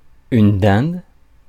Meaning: 1. turkey-hen (a female turkey) 2. turkey meat (of a male or a female turkey)
- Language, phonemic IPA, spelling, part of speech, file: French, /dɛ̃d/, dinde, noun, Fr-dinde.ogg